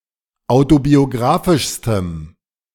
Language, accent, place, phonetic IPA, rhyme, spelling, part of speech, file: German, Germany, Berlin, [ˌaʊ̯tobioˈɡʁaːfɪʃstəm], -aːfɪʃstəm, autobiografischstem, adjective, De-autobiografischstem.ogg
- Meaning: strong dative masculine/neuter singular superlative degree of autobiografisch